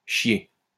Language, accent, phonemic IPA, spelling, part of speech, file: French, France, /ʃje/, chiée, verb / noun, LL-Q150 (fra)-chiée.wav
- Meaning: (verb) feminine singular of chié; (noun) shitload